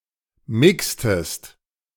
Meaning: inflection of mixen: 1. second-person singular preterite 2. second-person singular subjunctive II
- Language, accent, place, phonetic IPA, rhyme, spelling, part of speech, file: German, Germany, Berlin, [ˈmɪkstəst], -ɪkstəst, mixtest, verb, De-mixtest.ogg